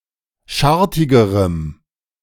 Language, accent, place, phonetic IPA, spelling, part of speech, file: German, Germany, Berlin, [ˈʃaʁtɪɡəʁəm], schartigerem, adjective, De-schartigerem.ogg
- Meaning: strong dative masculine/neuter singular comparative degree of schartig